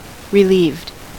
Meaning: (adjective) Experiencing or exhibiting relief; freed from stress or discomfort; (verb) simple past and past participle of relieve
- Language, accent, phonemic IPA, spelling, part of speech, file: English, US, /ɹɪˈliːvd/, relieved, adjective / verb, En-us-relieved.ogg